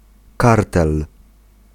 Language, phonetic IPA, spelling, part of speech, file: Polish, [ˈkartɛl], kartel, noun, Pl-kartel.ogg